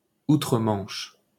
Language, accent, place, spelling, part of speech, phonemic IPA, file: French, France, Paris, outre-Manche, adverb, /u.tʁə.mɑ̃ʃ/, LL-Q150 (fra)-outre-Manche.wav
- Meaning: in the UK